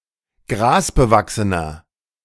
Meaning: inflection of grasbewachsen: 1. strong/mixed nominative masculine singular 2. strong genitive/dative feminine singular 3. strong genitive plural
- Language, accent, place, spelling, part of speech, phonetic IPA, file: German, Germany, Berlin, grasbewachsener, adjective, [ˈɡʁaːsbəˌvaksənɐ], De-grasbewachsener.ogg